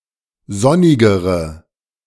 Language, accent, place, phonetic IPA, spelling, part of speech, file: German, Germany, Berlin, [ˈzɔnɪɡəʁə], sonnigere, adjective, De-sonnigere.ogg
- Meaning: inflection of sonnig: 1. strong/mixed nominative/accusative feminine singular comparative degree 2. strong nominative/accusative plural comparative degree